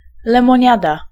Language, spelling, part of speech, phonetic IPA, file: Polish, lemoniada, noun, [ˌlɛ̃mɔ̃ˈɲada], Pl-lemoniada.ogg